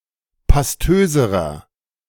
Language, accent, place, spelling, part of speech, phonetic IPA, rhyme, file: German, Germany, Berlin, pastöserer, adjective, [pasˈtøːzəʁɐ], -øːzəʁɐ, De-pastöserer.ogg
- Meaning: inflection of pastös: 1. strong/mixed nominative masculine singular comparative degree 2. strong genitive/dative feminine singular comparative degree 3. strong genitive plural comparative degree